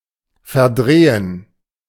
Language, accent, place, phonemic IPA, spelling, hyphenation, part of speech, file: German, Germany, Berlin, /fɛɐ̯ˈdʁeːən/, verdrehen, ver‧dre‧hen, verb, De-verdrehen.ogg
- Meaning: to twist, to turn, to wrest, to distort, to misrepresent